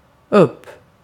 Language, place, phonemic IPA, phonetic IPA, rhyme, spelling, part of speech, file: Swedish, Gotland, /ɵp/, [ɵpː], -ɵp, upp, adverb, Sv-upp.ogg
- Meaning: 1. up (similar senses to English, though compare uppe) 2. open (to an open position or state)